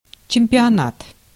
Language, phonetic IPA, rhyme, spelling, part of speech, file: Russian, [t͡ɕɪm⁽ʲ⁾pʲɪɐˈnat], -at, чемпионат, noun, Ru-чемпионат.ogg
- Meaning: championship